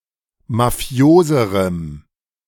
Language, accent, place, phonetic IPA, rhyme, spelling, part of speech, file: German, Germany, Berlin, [maˈfi̯oːzəʁəm], -oːzəʁəm, mafioserem, adjective, De-mafioserem.ogg
- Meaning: strong dative masculine/neuter singular comparative degree of mafios